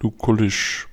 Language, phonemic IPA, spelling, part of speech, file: German, /luˈkʊlɪʃ/, lukullisch, adjective, De-lukullisch.ogg
- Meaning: Lucullan